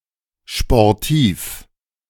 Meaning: synonym of sportlich
- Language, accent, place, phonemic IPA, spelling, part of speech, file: German, Germany, Berlin, /ʃpɔrˈtiːf/, sportiv, adjective, De-sportiv.ogg